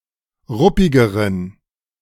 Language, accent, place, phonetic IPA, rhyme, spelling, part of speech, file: German, Germany, Berlin, [ˈʁʊpɪɡəʁən], -ʊpɪɡəʁən, ruppigeren, adjective, De-ruppigeren.ogg
- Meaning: inflection of ruppig: 1. strong genitive masculine/neuter singular comparative degree 2. weak/mixed genitive/dative all-gender singular comparative degree